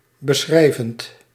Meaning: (adjective) descriptive; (verb) present participle of beschrijven
- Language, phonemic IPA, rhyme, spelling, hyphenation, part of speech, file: Dutch, /bəˈsxrɛi̯.vənt/, -ɛi̯vənt, beschrijvend, be‧schrij‧vend, adjective / verb, Nl-beschrijvend.ogg